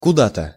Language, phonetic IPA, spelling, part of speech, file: Russian, [kʊˈda‿tə], куда-то, adverb, Ru-куда-то.ogg
- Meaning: to somewhere, somewhere to (indefinite adverb), somewhither